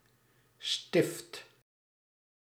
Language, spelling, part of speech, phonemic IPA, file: Dutch, stift, noun / verb, /stɪft/, Nl-stift.ogg
- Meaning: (noun) 1. graphite core of a pencil 2. a felt-tip pen, a marker 3. a chip (in football) 4. peg, pin; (verb) inflection of stiften: first/second/third-person singular present indicative